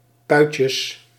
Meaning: plural of puitje
- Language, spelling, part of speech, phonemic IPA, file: Dutch, puitjes, noun, /ˈpœycəs/, Nl-puitjes.ogg